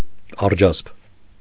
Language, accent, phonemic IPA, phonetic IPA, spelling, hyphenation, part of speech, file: Armenian, Eastern Armenian, /ɑɾˈd͡ʒɑsp/, [ɑɾd͡ʒɑ́sp], արջասպ, ար‧ջասպ, noun, Hy-արջասպ.ogg
- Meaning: vitriol